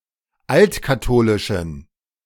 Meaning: inflection of altkatholisch: 1. strong genitive masculine/neuter singular 2. weak/mixed genitive/dative all-gender singular 3. strong/weak/mixed accusative masculine singular 4. strong dative plural
- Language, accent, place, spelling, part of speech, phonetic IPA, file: German, Germany, Berlin, altkatholischen, adjective, [ˈaltkaˌtoːlɪʃn̩], De-altkatholischen.ogg